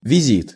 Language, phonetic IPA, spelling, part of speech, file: Russian, [vʲɪˈzʲit], визит, noun, Ru-визит.ogg
- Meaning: visit, call